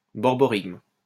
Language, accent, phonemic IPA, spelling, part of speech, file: French, France, /bɔʁ.bɔ.ʁiɡm/, borborygme, noun, LL-Q150 (fra)-borborygme.wav
- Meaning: borborygmus